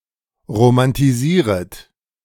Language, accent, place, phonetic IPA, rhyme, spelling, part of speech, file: German, Germany, Berlin, [ʁomantiˈziːʁət], -iːʁət, romantisieret, verb, De-romantisieret.ogg
- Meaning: second-person plural subjunctive I of romantisieren